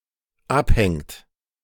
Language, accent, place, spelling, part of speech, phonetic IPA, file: German, Germany, Berlin, abhängt, verb, [ˈapˌhɛŋt], De-abhängt.ogg
- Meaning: inflection of abhängen: 1. third-person singular dependent present 2. second-person plural dependent present